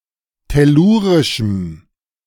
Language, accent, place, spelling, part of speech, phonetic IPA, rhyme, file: German, Germany, Berlin, tellurischem, adjective, [tɛˈluːʁɪʃm̩], -uːʁɪʃm̩, De-tellurischem.ogg
- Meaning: strong dative masculine/neuter singular of tellurisch